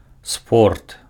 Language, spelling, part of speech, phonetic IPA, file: Belarusian, спорт, noun, [sport], Be-спорт.ogg
- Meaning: sport